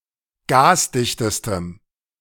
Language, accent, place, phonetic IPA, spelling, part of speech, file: German, Germany, Berlin, [ˈɡaːsˌdɪçtəstəm], gasdichtestem, adjective, De-gasdichtestem.ogg
- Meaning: strong dative masculine/neuter singular superlative degree of gasdicht